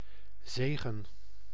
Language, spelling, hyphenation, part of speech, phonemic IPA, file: Dutch, zegen, ze‧gen, noun / verb, /ˈzeːɣə(n)/, Nl-zegen.ogg
- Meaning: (noun) 1. blessing, benediction 2. boon, anything beneficial 3. a wide dragnet, used for: fishing and catching crustaceans 4. a wide dragnet, used for: hunting fowl, notably partridges